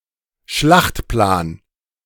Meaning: battleplan
- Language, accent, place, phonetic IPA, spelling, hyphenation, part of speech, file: German, Germany, Berlin, [ˈʃlaχtˌplaːn], Schlachtplan, Schlacht‧plan, noun, De-Schlachtplan.ogg